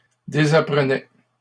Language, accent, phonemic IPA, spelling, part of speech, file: French, Canada, /de.za.pʁə.nɛ/, désapprenais, verb, LL-Q150 (fra)-désapprenais.wav
- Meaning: first/second-person singular imperfect indicative of désapprendre